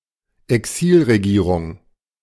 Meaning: government in exile
- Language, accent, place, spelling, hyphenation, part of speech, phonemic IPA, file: German, Germany, Berlin, Exilregierung, Exil‧re‧gie‧rung, noun, /ɛˈksiːlʁeˌɡiːʁʊŋ/, De-Exilregierung.ogg